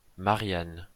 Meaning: 1. a female given name, a combination of Marie and Anne 2. Marianne; a personification of France
- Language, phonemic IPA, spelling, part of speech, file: French, /ma.ʁjan/, Marianne, proper noun, LL-Q150 (fra)-Marianne.wav